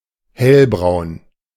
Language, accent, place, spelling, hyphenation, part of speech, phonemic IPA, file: German, Germany, Berlin, hellbraun, hell‧braun, adjective, /ˈhɛlbʁaʊ̯n/, De-hellbraun.ogg
- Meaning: light brown, tan